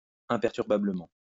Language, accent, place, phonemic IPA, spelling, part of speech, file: French, France, Lyon, /ɛ̃.pɛʁ.tyʁ.ba.blə.mɑ̃/, imperturbablement, adverb, LL-Q150 (fra)-imperturbablement.wav
- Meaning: imperturbably, calmly